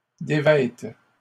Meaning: second-person singular present subjunctive of dévêtir
- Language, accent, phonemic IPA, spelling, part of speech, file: French, Canada, /de.vɛt/, dévêtes, verb, LL-Q150 (fra)-dévêtes.wav